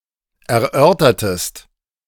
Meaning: inflection of erörtern: 1. second-person singular preterite 2. second-person singular subjunctive II
- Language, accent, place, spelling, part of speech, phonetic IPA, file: German, Germany, Berlin, erörtertest, verb, [ɛɐ̯ˈʔœʁtɐtəst], De-erörtertest.ogg